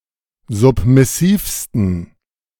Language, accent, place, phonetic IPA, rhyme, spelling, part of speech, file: German, Germany, Berlin, [ˌzʊpmɪˈsiːfstn̩], -iːfstn̩, submissivsten, adjective, De-submissivsten.ogg
- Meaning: 1. superlative degree of submissiv 2. inflection of submissiv: strong genitive masculine/neuter singular superlative degree